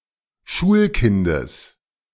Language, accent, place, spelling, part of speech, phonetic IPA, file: German, Germany, Berlin, Schulkindes, noun, [ˈʃuːlˌkɪndəs], De-Schulkindes.ogg
- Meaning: genitive of Schulkind